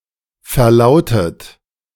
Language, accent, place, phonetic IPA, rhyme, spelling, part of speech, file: German, Germany, Berlin, [fɛɐ̯ˈlaʊ̯tət], -aʊ̯tət, verlautet, verb, De-verlautet.ogg
- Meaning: past participle of verlauten